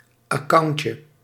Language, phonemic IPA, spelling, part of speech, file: Dutch, /əˈkɑuɲcə/, accountje, noun, Nl-accountje.ogg
- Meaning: diminutive of account